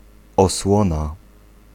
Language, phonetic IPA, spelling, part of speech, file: Polish, [ɔˈswɔ̃na], osłona, noun, Pl-osłona.ogg